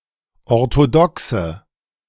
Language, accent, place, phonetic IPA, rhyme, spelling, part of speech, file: German, Germany, Berlin, [ɔʁtoˈdɔksə], -ɔksə, orthodoxe, adjective, De-orthodoxe.ogg
- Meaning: inflection of orthodox: 1. strong/mixed nominative/accusative feminine singular 2. strong nominative/accusative plural 3. weak nominative all-gender singular